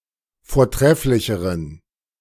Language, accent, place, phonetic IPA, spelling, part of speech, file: German, Germany, Berlin, [foːɐ̯ˈtʁɛflɪçəʁən], vortrefflicheren, adjective, De-vortrefflicheren.ogg
- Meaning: inflection of vortrefflich: 1. strong genitive masculine/neuter singular comparative degree 2. weak/mixed genitive/dative all-gender singular comparative degree